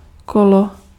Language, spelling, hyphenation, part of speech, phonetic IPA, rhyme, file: Czech, kolo, ko‧lo, noun, [ˈkolo], -olo, Cs-kolo.ogg
- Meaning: 1. bicycle, bike 2. wheel 3. round